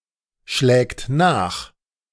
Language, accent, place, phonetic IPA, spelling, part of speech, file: German, Germany, Berlin, [ˌʃlɛːkt ˈnaːx], schlägt nach, verb, De-schlägt nach.ogg
- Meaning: third-person singular present of nachschlagen